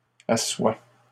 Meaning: first-person singular present subjunctive of asseoir
- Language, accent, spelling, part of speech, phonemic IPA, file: French, Canada, assoie, verb, /a.swa/, LL-Q150 (fra)-assoie.wav